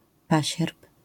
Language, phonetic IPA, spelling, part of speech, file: Polish, [ˈpaɕɛrp], pasierb, noun, LL-Q809 (pol)-pasierb.wav